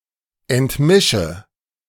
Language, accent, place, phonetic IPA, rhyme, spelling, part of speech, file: German, Germany, Berlin, [ɛntˈmɪʃə], -ɪʃə, entmische, verb, De-entmische.ogg
- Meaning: inflection of entmischen: 1. first-person singular present 2. first/third-person singular subjunctive I 3. singular imperative